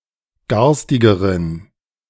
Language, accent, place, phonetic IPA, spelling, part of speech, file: German, Germany, Berlin, [ˈɡaʁstɪɡəʁən], garstigeren, adjective, De-garstigeren.ogg
- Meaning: inflection of garstig: 1. strong genitive masculine/neuter singular comparative degree 2. weak/mixed genitive/dative all-gender singular comparative degree